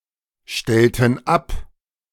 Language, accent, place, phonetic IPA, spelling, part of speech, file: German, Germany, Berlin, [ˌʃtɛltn̩ ˈap], stellten ab, verb, De-stellten ab.ogg
- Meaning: inflection of abstellen: 1. first/third-person plural preterite 2. first/third-person plural subjunctive II